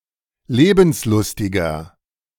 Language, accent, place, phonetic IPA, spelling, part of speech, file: German, Germany, Berlin, [ˈleːbn̩sˌlʊstɪɡɐ], lebenslustiger, adjective, De-lebenslustiger.ogg
- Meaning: 1. comparative degree of lebenslustig 2. inflection of lebenslustig: strong/mixed nominative masculine singular 3. inflection of lebenslustig: strong genitive/dative feminine singular